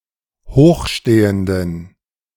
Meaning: inflection of hochstehend: 1. strong genitive masculine/neuter singular 2. weak/mixed genitive/dative all-gender singular 3. strong/weak/mixed accusative masculine singular 4. strong dative plural
- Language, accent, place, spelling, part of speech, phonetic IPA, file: German, Germany, Berlin, hochstehenden, adjective, [ˈhoːxˌʃteːəndn̩], De-hochstehenden.ogg